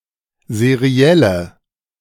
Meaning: inflection of seriell: 1. strong/mixed nominative/accusative feminine singular 2. strong nominative/accusative plural 3. weak nominative all-gender singular 4. weak accusative feminine/neuter singular
- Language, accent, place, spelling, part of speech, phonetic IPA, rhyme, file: German, Germany, Berlin, serielle, adjective, [zeˈʁi̯ɛlə], -ɛlə, De-serielle.ogg